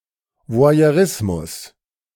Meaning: voyeurism
- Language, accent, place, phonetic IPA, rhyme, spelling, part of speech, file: German, Germany, Berlin, [vo̯ajøˈʁɪsmʊs], -ɪsmʊs, Voyeurismus, noun, De-Voyeurismus.ogg